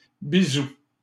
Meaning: 1. kiss (friendly kiss) 2. lots of love
- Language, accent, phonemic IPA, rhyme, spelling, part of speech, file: French, Canada, /bi.zu/, -u, bisou, noun, LL-Q150 (fra)-bisou.wav